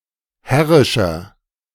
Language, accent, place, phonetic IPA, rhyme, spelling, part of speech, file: German, Germany, Berlin, [ˈhɛʁɪʃɐ], -ɛʁɪʃɐ, herrischer, adjective, De-herrischer.ogg
- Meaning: 1. comparative degree of herrisch 2. inflection of herrisch: strong/mixed nominative masculine singular 3. inflection of herrisch: strong genitive/dative feminine singular